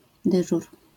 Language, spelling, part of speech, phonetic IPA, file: Polish, dyżur, noun, [ˈdɨʒur], LL-Q809 (pol)-dyżur.wav